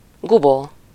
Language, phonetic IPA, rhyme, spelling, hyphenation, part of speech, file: Hungarian, [ˈɡuboː], -boː, gubó, gu‧bó, noun, Hu-gubó.ogg
- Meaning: 1. cocoon 2. capsule (poppy head)